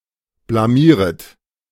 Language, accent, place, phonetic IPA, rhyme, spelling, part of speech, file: German, Germany, Berlin, [blaˈmiːʁət], -iːʁət, blamieret, verb, De-blamieret.ogg
- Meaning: second-person plural subjunctive I of blamieren